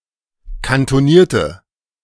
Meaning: inflection of kantoniert: 1. strong/mixed nominative/accusative feminine singular 2. strong nominative/accusative plural 3. weak nominative all-gender singular
- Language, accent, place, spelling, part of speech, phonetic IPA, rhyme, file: German, Germany, Berlin, kantonierte, adjective, [kantoˈniːɐ̯tə], -iːɐ̯tə, De-kantonierte.ogg